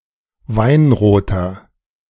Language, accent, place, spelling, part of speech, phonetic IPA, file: German, Germany, Berlin, weinroter, adjective, [ˈvaɪ̯nʁoːtɐ], De-weinroter.ogg
- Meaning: inflection of weinrot: 1. strong/mixed nominative masculine singular 2. strong genitive/dative feminine singular 3. strong genitive plural